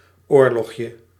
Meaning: diminutive of oorlog
- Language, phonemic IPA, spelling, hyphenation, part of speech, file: Dutch, /ˈoːr.lɔxjə/, oorlogje, oor‧log‧je, noun, Nl-oorlogje.ogg